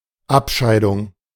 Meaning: 1. precipitation, deposition 2. sequestration
- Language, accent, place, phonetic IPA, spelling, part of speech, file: German, Germany, Berlin, [ˈapˌʃaɪ̯dʊŋ], Abscheidung, noun, De-Abscheidung.ogg